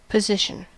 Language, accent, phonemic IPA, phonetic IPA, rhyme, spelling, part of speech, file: English, US, /pəˈzɪʃ.ən/, [pəˈzɪʃ.n̩], -ɪʃən, position, noun / verb, En-us-position.ogg
- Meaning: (noun) 1. A place or location 2. A post of employment; a job 3. A status or rank 4. An opinion, stand, or stance 5. A posture 6. A situation suitable to perform some action